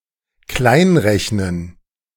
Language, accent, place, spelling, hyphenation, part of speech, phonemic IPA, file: German, Germany, Berlin, kleinrechnen, klein‧rech‧nen, verb, /ˈklaɪ̯nˌʁɛçnən/, De-kleinrechnen.ogg
- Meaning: to undercalculate